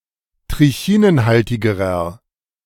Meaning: inflection of trichinenhaltig: 1. strong/mixed nominative masculine singular comparative degree 2. strong genitive/dative feminine singular comparative degree
- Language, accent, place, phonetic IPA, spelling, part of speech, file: German, Germany, Berlin, [tʁɪˈçiːnənˌhaltɪɡəʁɐ], trichinenhaltigerer, adjective, De-trichinenhaltigerer.ogg